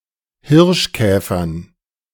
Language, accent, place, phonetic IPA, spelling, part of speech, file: German, Germany, Berlin, [ˈhɪʁʃˌkɛːfɐn], Hirschkäfern, noun, De-Hirschkäfern.ogg
- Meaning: dative plural of Hirschkäfer